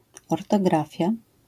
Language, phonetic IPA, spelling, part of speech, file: Polish, [ˌɔrtɔˈɡrafʲja], ortografia, noun, LL-Q809 (pol)-ortografia.wav